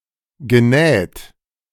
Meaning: past participle of nähen
- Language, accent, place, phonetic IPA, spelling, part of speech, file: German, Germany, Berlin, [ɡəˈnɛːt], genäht, verb, De-genäht.ogg